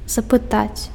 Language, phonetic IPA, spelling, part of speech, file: Belarusian, [zapɨˈtat͡sʲ], запытаць, verb, Be-запытаць.ogg
- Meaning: to request